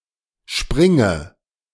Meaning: inflection of springen: 1. first-person singular present 2. first/third-person singular subjunctive I 3. singular imperative
- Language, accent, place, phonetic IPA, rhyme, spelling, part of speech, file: German, Germany, Berlin, [ˈʃpʁɪŋə], -ɪŋə, springe, verb, De-springe.ogg